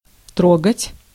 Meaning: 1. to touch 2. to move (emotionally) 3. to bother, to annoy, to disturb 4. to start moving
- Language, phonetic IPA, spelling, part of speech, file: Russian, [ˈtroɡətʲ], трогать, verb, Ru-трогать.ogg